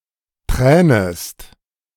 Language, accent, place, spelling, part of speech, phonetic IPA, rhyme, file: German, Germany, Berlin, tränest, verb, [ˈtʁɛːnəst], -ɛːnəst, De-tränest.ogg
- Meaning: second-person singular subjunctive I of tränen